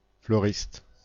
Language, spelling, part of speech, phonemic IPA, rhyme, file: French, fleuriste, noun, /flœ.ʁist/, -ist, Fr-fleuriste.ogg
- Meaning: florist